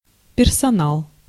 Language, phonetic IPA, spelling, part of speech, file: Russian, [pʲɪrsɐˈnaɫ], персонал, noun, Ru-персонал.ogg
- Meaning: staff, personnel